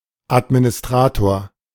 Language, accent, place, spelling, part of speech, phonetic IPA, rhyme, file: German, Germany, Berlin, Administrator, noun, [ˌatminɪsˈtʁaːtoːɐ̯], -aːtoːɐ̯, De-Administrator.ogg
- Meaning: administrator, admin